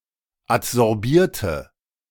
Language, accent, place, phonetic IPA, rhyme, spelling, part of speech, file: German, Germany, Berlin, [atzɔʁˈbiːɐ̯tə], -iːɐ̯tə, adsorbierte, adjective / verb, De-adsorbierte.ogg
- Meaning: inflection of adsorbieren: 1. first/third-person singular preterite 2. first/third-person singular subjunctive II